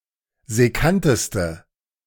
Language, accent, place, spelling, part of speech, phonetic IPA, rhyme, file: German, Germany, Berlin, sekkanteste, adjective, [zɛˈkantəstə], -antəstə, De-sekkanteste.ogg
- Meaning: inflection of sekkant: 1. strong/mixed nominative/accusative feminine singular superlative degree 2. strong nominative/accusative plural superlative degree